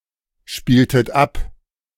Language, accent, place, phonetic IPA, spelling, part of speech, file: German, Germany, Berlin, [ˌʃpiːltət ˈap], spieltet ab, verb, De-spieltet ab.ogg
- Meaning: inflection of abspielen: 1. second-person plural preterite 2. second-person plural subjunctive II